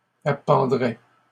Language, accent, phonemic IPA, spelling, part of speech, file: French, Canada, /a.pɑ̃.dʁɛ/, appendrait, verb, LL-Q150 (fra)-appendrait.wav
- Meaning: third-person singular conditional of appendre